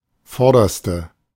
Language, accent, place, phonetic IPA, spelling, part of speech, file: German, Germany, Berlin, [ˈfɔʁdɐstə], vorderste, adjective, De-vorderste.ogg
- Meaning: inflection of vorderer: 1. strong/mixed nominative/accusative feminine singular superlative degree 2. strong nominative/accusative plural superlative degree